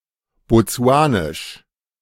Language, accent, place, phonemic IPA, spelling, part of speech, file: German, Germany, Berlin, /bɔˈtsu̯aːnɪʃ/, botsuanisch, adjective, De-botsuanisch.ogg
- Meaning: of Botswana; Botswanan